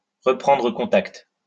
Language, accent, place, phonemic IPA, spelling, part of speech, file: French, France, Lyon, /ʁə.pʁɑ̃.dʁə kɔ̃.takt/, reprendre contact, verb, LL-Q150 (fra)-reprendre contact.wav
- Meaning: to get back in touch; to re-engage